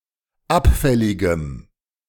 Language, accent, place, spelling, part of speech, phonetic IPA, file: German, Germany, Berlin, abfälligem, adjective, [ˈapˌfɛlɪɡəm], De-abfälligem.ogg
- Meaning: strong dative masculine/neuter singular of abfällig